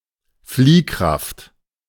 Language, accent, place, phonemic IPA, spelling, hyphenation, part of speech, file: German, Germany, Berlin, /ˈfliːˌkʁaft/, Fliehkraft, Flieh‧kraft, noun, De-Fliehkraft.ogg
- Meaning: centrifugal force